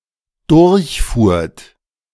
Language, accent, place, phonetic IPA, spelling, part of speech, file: German, Germany, Berlin, [ˈdʊʁçˌfuːɐ̯t], durchfuhrt, verb, De-durchfuhrt.ogg
- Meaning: second-person plural dependent preterite of durchfahren